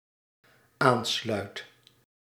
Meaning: first/second/third-person singular dependent-clause present indicative of aansluiten
- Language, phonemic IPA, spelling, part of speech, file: Dutch, /ˈanslœyt/, aansluit, verb, Nl-aansluit.ogg